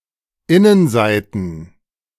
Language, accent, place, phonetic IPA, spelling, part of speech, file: German, Germany, Berlin, [ˈɪnənˌzaɪ̯tn̩], Innenseiten, noun, De-Innenseiten.ogg
- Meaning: plural of Innenseite